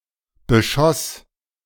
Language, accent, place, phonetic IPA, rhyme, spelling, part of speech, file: German, Germany, Berlin, [bəˈʃɔs], -ɔs, beschoss, verb, De-beschoss.ogg
- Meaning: first/third-person singular preterite of beschießen